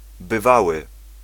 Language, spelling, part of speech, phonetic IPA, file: Polish, bywały, adjective, [bɨˈvawɨ], Pl-bywały.ogg